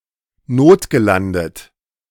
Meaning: past participle of notlanden
- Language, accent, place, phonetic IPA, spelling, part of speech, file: German, Germany, Berlin, [ˈnoːtɡəˌlandət], notgelandet, adjective / verb, De-notgelandet.ogg